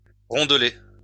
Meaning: 1. quite round; roundish 2. large, hefty, significant
- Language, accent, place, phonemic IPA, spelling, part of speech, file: French, France, Lyon, /ʁɔ̃d.lɛ/, rondelet, adjective, LL-Q150 (fra)-rondelet.wav